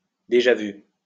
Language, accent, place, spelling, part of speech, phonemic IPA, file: French, France, Lyon, déjà-vu, noun, /de.ʒa.vy/, LL-Q150 (fra)-déjà-vu.wav
- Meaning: déjà vu